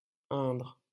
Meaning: 1. Indre (a department of Centre-Val de Loire, France) 2. Indre (a left tributary of the Loire, flowing through the departments of Cher, Indre and Indre-et-Loire in central France)
- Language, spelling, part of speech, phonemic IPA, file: French, Indre, proper noun, /ɛ̃dʁ/, LL-Q150 (fra)-Indre.wav